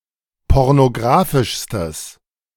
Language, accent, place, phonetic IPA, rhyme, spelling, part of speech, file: German, Germany, Berlin, [ˌpɔʁnoˈɡʁaːfɪʃstəs], -aːfɪʃstəs, pornographischstes, adjective, De-pornographischstes.ogg
- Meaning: strong/mixed nominative/accusative neuter singular superlative degree of pornographisch